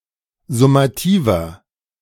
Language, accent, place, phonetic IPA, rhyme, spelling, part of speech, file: German, Germany, Berlin, [zʊmaˈtiːvɐ], -iːvɐ, summativer, adjective, De-summativer.ogg
- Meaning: inflection of summativ: 1. strong/mixed nominative masculine singular 2. strong genitive/dative feminine singular 3. strong genitive plural